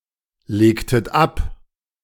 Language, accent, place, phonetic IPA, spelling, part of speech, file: German, Germany, Berlin, [ˌleːktət ˈap], legtet ab, verb, De-legtet ab.ogg
- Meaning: inflection of ablegen: 1. second-person plural preterite 2. second-person plural subjunctive II